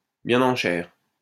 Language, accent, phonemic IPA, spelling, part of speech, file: French, France, /bjɛ̃.n‿ɑ̃ ʃɛʁ/, bien en chair, adjective, LL-Q150 (fra)-bien en chair.wav
- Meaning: plump, portly, pudgy, well-padded